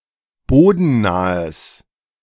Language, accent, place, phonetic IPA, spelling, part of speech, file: German, Germany, Berlin, [ˈboːdn̩ˌnaːəs], bodennahes, adjective, De-bodennahes.ogg
- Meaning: strong/mixed nominative/accusative neuter singular of bodennah